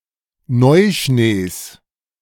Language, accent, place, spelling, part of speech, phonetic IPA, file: German, Germany, Berlin, Neuschnees, noun, [ˈnɔɪ̯ˌʃneːs], De-Neuschnees.ogg
- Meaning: genitive singular of Neuschnee